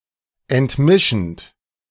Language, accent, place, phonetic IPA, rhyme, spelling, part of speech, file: German, Germany, Berlin, [ɛntˈmɪʃn̩t], -ɪʃn̩t, entmischend, verb, De-entmischend.ogg
- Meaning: present participle of entmischen